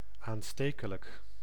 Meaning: 1. contagious, infectious (easily infecting others) 2. catchy (highly memorable)
- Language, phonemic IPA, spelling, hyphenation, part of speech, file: Dutch, /aːnˈsteː.kə.lək/, aanstekelijk, aan‧ste‧ke‧lijk, adjective, Nl-aanstekelijk.ogg